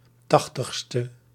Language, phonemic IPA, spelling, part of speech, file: Dutch, /ˈtɑxtəxstə/, 80e, adjective, Nl-80e.ogg
- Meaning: abbreviation of tachtigste